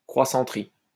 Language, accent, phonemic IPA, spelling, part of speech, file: French, France, /kʁwa.sɑ̃.tʁi/, croissanterie, noun, LL-Q150 (fra)-croissanterie.wav
- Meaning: croissanterie (shop selling croissants and other fast-food)